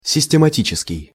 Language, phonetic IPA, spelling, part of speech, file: Russian, [sʲɪsʲtʲɪmɐˈtʲit͡ɕɪskʲɪj], систематический, adjective, Ru-систематический.ogg
- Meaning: 1. systematic, methodical 2. regular